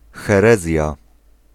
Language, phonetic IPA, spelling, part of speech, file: Polish, [xɛˈrɛzʲja], herezja, noun, Pl-herezja.ogg